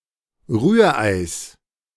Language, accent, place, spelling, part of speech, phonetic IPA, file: German, Germany, Berlin, Rühreis, noun, [ˈʁyːɐ̯ˌʔaɪ̯s], De-Rühreis.ogg
- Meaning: genitive singular of Rührei